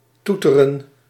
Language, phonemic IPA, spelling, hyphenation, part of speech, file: Dutch, /ˈtu.tə.rə(n)/, toeteren, toe‧te‧ren, verb, Nl-toeteren.ogg
- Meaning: to beep, to honk, to sound a horn